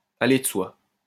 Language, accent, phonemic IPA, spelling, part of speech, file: French, France, /a.le də swa/, aller de soi, verb, LL-Q150 (fra)-aller de soi.wav
- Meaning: to be self-evident, to be obvious, to be self-explanatory, to go without saying, to stand to reason